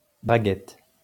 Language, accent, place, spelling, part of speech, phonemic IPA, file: French, France, Lyon, braguette, noun, /bʁa.ɡɛt/, LL-Q150 (fra)-braguette.wav
- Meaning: 1. fly, flies (in trousers) 2. codpiece